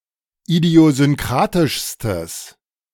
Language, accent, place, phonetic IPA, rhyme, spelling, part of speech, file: German, Germany, Berlin, [idi̯ozʏnˈkʁaːtɪʃstəs], -aːtɪʃstəs, idiosynkratischstes, adjective, De-idiosynkratischstes.ogg
- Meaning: strong/mixed nominative/accusative neuter singular superlative degree of idiosynkratisch